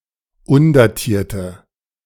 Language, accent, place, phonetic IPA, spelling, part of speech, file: German, Germany, Berlin, [ˈʊndaˌtiːɐ̯tə], undatierte, adjective, De-undatierte.ogg
- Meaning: inflection of undatiert: 1. strong/mixed nominative/accusative feminine singular 2. strong nominative/accusative plural 3. weak nominative all-gender singular